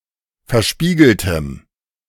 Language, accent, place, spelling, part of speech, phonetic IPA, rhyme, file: German, Germany, Berlin, verspiegeltem, adjective, [fɛɐ̯ˈʃpiːɡl̩təm], -iːɡl̩təm, De-verspiegeltem.ogg
- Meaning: strong dative masculine/neuter singular of verspiegelt